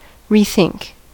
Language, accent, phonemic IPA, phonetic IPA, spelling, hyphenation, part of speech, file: English, US, /ɹiːˈθɪŋk/, [ɹʷɪi̯ˈθɪŋk], rethink, re‧think, verb, En-us-rethink.ogg
- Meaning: To think again about something, with the intention of changing or replacing it